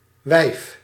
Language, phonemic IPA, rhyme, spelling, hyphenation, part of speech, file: Dutch, /ʋɛi̯f/, -ɛi̯f, wijf, wijf, noun, Nl-wijf.ogg
- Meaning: 1. woman, potentially being as pejorative as bitch 2. broad, bint